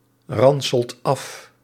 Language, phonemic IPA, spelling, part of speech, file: Dutch, /ˈrɑnsəlt ˈɑf/, ranselt af, verb, Nl-ranselt af.ogg
- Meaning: inflection of afranselen: 1. second/third-person singular present indicative 2. plural imperative